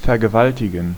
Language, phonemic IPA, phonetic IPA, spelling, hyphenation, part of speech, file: German, /fɛɐ̯ɡəˈvaltɪɡn̩/, [fɛɐ̯ɡəˈvaltʰɪɡŋ̩], vergewaltigen, ver‧ge‧wal‧ti‧gen, verb, De-vergewaltigen.ogg
- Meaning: to rape